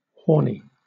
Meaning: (adjective) 1. Hard or bony, like an animal's horn 2. Having the hard consistency and pale colour of an animal's horn 3. Having horns 4. Sexually aroused 5. Sexually exciting; arousing
- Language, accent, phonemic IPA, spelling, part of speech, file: English, Southern England, /ˈhɔːni/, horny, adjective / noun, LL-Q1860 (eng)-horny.wav